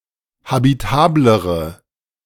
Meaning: inflection of habitabel: 1. strong/mixed nominative/accusative feminine singular comparative degree 2. strong nominative/accusative plural comparative degree
- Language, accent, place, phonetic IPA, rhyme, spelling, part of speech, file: German, Germany, Berlin, [habiˈtaːbləʁə], -aːbləʁə, habitablere, adjective, De-habitablere.ogg